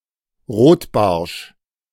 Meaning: rose fish, redfish, Sebastes norvegicus
- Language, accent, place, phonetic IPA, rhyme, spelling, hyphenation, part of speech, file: German, Germany, Berlin, [ˈʁoːtbaʁʃ], -aʁʃ, Rotbarsch, Rot‧barsch, noun, De-Rotbarsch.ogg